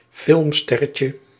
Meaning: diminutive of filmster
- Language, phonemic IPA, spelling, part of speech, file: Dutch, /ˈfɪlᵊmˌstɛrəcə/, filmsterretje, noun, Nl-filmsterretje.ogg